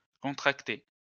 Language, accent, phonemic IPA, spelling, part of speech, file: French, France, /kɔ̃.tʁak.te/, contracté, verb, LL-Q150 (fra)-contracté.wav
- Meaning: past participle of contracter